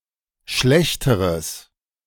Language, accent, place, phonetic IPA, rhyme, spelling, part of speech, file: German, Germany, Berlin, [ˈʃlɛçtəʁəs], -ɛçtəʁəs, schlechteres, adjective, De-schlechteres.ogg
- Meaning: strong/mixed nominative/accusative neuter singular comparative degree of schlecht